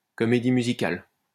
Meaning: musical
- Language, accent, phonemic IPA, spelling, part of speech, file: French, France, /kɔ.me.di my.zi.kal/, comédie musicale, noun, LL-Q150 (fra)-comédie musicale.wav